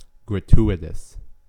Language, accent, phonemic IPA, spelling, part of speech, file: English, US, /ɡɹəˈtu.ɪt.əs/, gratuitous, adjective, En-us-gratuitous.ogg
- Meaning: 1. Given freely; unearned 2. Unjustified or unnecessary; not called for by the circumstances 3. extraneous, interpolated